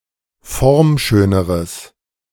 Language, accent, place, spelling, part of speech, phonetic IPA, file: German, Germany, Berlin, formschöneres, adjective, [ˈfɔʁmˌʃøːnəʁəs], De-formschöneres.ogg
- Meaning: strong/mixed nominative/accusative neuter singular comparative degree of formschön